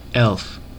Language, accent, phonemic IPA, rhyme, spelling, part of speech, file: English, US, /ɛlf/, -ɛlf, elf, noun / verb, En-us-elf.ogg